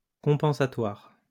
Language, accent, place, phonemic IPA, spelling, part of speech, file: French, France, Lyon, /kɔ̃.pɑ̃.sa.twaʁ/, compensatoire, adjective, LL-Q150 (fra)-compensatoire.wav
- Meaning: compensatory